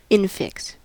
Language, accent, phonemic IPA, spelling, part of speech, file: English, US, /ˈɪnfɪks/, infix, noun, En-us-infix.ogg
- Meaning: An affix inserted inside a root, such as -ma- in English edumacation